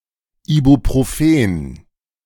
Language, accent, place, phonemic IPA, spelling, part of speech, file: German, Germany, Berlin, /ˌiːbuproˈfeːn/, Ibuprofen, noun, De-Ibuprofen.ogg
- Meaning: ibuprofen